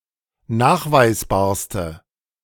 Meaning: inflection of nachweisbar: 1. strong/mixed nominative/accusative feminine singular superlative degree 2. strong nominative/accusative plural superlative degree
- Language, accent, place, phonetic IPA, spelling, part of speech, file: German, Germany, Berlin, [ˈnaːxvaɪ̯sˌbaːɐ̯stə], nachweisbarste, adjective, De-nachweisbarste.ogg